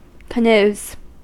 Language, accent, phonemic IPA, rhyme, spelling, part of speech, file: English, US, /kəˈnuːz/, -uːz, canoes, noun / verb, En-us-canoes.ogg
- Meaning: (noun) plural of canoe; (verb) third-person singular simple present indicative of canoe